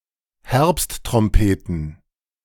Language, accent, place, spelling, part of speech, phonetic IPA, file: German, Germany, Berlin, Herbsttrompeten, noun, [ˈhɛʁpsttʁɔmpeːtən], De-Herbsttrompeten.ogg
- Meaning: plural of Herbsttrompete